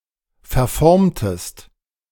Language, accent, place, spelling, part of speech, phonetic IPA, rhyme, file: German, Germany, Berlin, verformtest, verb, [fɛɐ̯ˈfɔʁmtəst], -ɔʁmtəst, De-verformtest.ogg
- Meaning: inflection of verformen: 1. second-person singular preterite 2. second-person singular subjunctive II